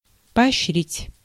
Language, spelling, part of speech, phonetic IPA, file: Russian, поощрить, verb, [pɐɐɕːˈrʲitʲ], Ru-поощрить.ogg
- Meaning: to encourage, to incentivise, to abet (to support, uphold, or aid)